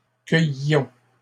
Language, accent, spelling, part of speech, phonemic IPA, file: French, Canada, cueillions, verb, /kœj.jɔ̃/, LL-Q150 (fra)-cueillions.wav
- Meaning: inflection of cueillir: 1. first-person plural imperfect indicative 2. first-person plural present subjunctive